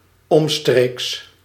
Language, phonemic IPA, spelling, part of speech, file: Dutch, /ˈɔmstreks/, omstreeks, preposition / adverb, Nl-omstreeks.ogg
- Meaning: around, circa